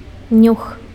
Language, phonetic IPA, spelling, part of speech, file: Belarusian, [nʲux], нюх, noun, Be-нюх.ogg
- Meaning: 1. scent, nose (the sense of smell) 2. gut feeling